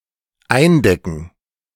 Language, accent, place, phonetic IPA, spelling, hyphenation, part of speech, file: German, Germany, Berlin, [ˈaɪ̯nˌdɛkn̩], eindecken, ein‧de‧cken, verb, De-eindecken.ogg
- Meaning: 1. to cover, to roof 2. to prepare, to lay 3. to stock up, to buy a lot